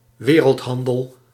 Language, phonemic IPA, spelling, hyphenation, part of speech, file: Dutch, /ˈʋeː.rəltˌɦɑn.dəl/, wereldhandel, we‧reld‧han‧del, noun, Nl-wereldhandel.ogg
- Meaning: international trade, world trade, global trade